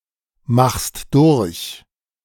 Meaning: second-person singular present of durchmachen
- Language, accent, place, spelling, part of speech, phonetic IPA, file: German, Germany, Berlin, machst durch, verb, [ˌmaxst ˈdʊʁç], De-machst durch.ogg